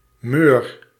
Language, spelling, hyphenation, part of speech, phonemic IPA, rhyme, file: Dutch, meur, meur, noun / verb, /møːr/, -øːr, Nl-meur.ogg
- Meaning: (noun) stench, foul smell; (verb) inflection of meuren: 1. first-person singular present indicative 2. second-person singular present indicative 3. imperative